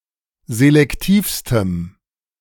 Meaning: strong dative masculine/neuter singular superlative degree of selektiv
- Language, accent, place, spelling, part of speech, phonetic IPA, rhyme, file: German, Germany, Berlin, selektivstem, adjective, [zelɛkˈtiːfstəm], -iːfstəm, De-selektivstem.ogg